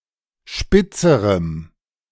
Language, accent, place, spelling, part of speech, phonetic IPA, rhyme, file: German, Germany, Berlin, spitzerem, adjective, [ˈʃpɪt͡səʁəm], -ɪt͡səʁəm, De-spitzerem.ogg
- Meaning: strong dative masculine/neuter singular comparative degree of spitz